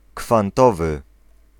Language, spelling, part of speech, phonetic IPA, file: Polish, kwantowy, adjective, [kfãnˈtɔvɨ], Pl-kwantowy.ogg